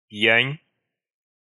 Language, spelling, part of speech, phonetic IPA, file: Russian, пьянь, noun, [p⁽ʲ⁾jænʲ], Ru-пьянь.ogg
- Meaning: 1. drunks, drunkards 2. drunkenness